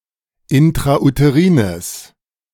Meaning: strong/mixed nominative/accusative neuter singular of intrauterin
- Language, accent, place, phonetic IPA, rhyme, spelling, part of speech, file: German, Germany, Berlin, [ɪntʁaʔuteˈʁiːnəs], -iːnəs, intrauterines, adjective, De-intrauterines.ogg